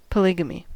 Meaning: The condition of having more than one spouse or marriage partner at one time
- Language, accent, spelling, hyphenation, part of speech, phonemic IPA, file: English, US, polygamy, po‧ly‧ga‧my, noun, /pəˈlɪɡ.ə.mi/, En-us-polygamy.ogg